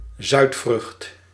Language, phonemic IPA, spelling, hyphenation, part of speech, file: Dutch, /ˈzœy̯t.frʏxt/, zuidvrucht, zuid‧vrucht, noun, Nl-zuidvrucht.ogg
- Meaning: dried (sub)tropical fruit